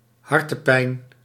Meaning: 1. heartburn, cardialgia 2. heartache
- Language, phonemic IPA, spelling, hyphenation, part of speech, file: Dutch, /ˈɦɑr.tə(n)ˌpɛi̯n/, hartenpijn, har‧ten‧pijn, noun, Nl-hartenpijn.ogg